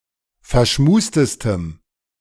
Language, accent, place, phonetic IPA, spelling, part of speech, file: German, Germany, Berlin, [fɛɐ̯ˈʃmuːstəstəm], verschmustestem, adjective, De-verschmustestem.ogg
- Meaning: strong dative masculine/neuter singular superlative degree of verschmust